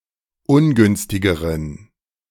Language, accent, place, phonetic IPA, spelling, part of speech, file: German, Germany, Berlin, [ˈʊnˌɡʏnstɪɡəʁən], ungünstigeren, adjective, De-ungünstigeren.ogg
- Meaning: inflection of ungünstig: 1. strong genitive masculine/neuter singular comparative degree 2. weak/mixed genitive/dative all-gender singular comparative degree